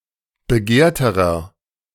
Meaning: inflection of begehrt: 1. strong/mixed nominative masculine singular comparative degree 2. strong genitive/dative feminine singular comparative degree 3. strong genitive plural comparative degree
- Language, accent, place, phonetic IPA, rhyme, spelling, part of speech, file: German, Germany, Berlin, [bəˈɡeːɐ̯təʁɐ], -eːɐ̯təʁɐ, begehrterer, adjective, De-begehrterer.ogg